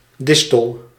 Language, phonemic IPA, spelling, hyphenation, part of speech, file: Dutch, /ˈdɪs.təl/, distel, dis‧tel, noun, Nl-distel.ogg
- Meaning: 1. A thistle (plant of the tribe Cynareae syn. Cardueae) 2. Any of various prickly plants resembling a thistle, such as sea holly (Eryngium maritimum)